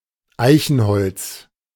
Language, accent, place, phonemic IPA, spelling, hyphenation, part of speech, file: German, Germany, Berlin, /ˈaɪ̯çn̩ˌhɔlt͡s/, Eichenholz, Ei‧chen‧holz, noun, De-Eichenholz.ogg
- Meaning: oak, oak wood (The wood and timber of the oak.)